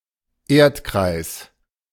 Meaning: world
- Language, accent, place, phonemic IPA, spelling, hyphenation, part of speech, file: German, Germany, Berlin, /ˈeːɐ̯tkʁaɪ̯s/, Erdkreis, Erd‧kreis, noun, De-Erdkreis.ogg